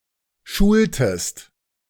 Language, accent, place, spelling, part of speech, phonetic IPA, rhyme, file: German, Germany, Berlin, schultest, verb, [ˈʃuːltəst], -uːltəst, De-schultest.ogg
- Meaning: inflection of schulen: 1. second-person singular preterite 2. second-person singular subjunctive II